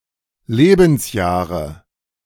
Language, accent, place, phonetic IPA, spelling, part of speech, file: German, Germany, Berlin, [ˈleːbn̩sˌjaːʁə], Lebensjahre, noun, De-Lebensjahre.ogg
- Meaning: nominative/accusative/genitive plural of Lebensjahr